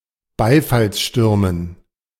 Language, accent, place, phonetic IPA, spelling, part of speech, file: German, Germany, Berlin, [ˈbaɪ̯falsˌʃtʏʁmən], Beifallsstürmen, noun, De-Beifallsstürmen.ogg
- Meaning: dative plural of Beifallssturm